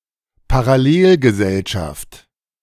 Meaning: parallel society (segregated milieu of ethnic or religious minorities)
- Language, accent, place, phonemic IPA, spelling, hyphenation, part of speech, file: German, Germany, Berlin, /paʁaˈleːlɡəˌzɛlʃaft/, Parallelgesellschaft, Pa‧ral‧lel‧ge‧sell‧schaft, noun, De-Parallelgesellschaft.ogg